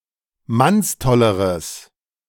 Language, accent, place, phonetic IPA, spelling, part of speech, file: German, Germany, Berlin, [ˈmansˌtɔləʁəs], mannstolleres, adjective, De-mannstolleres.ogg
- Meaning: strong/mixed nominative/accusative neuter singular comparative degree of mannstoll